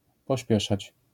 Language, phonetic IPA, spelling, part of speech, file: Polish, [pɔˈɕpʲjɛʃat͡ɕ], pośpieszać, verb, LL-Q809 (pol)-pośpieszać.wav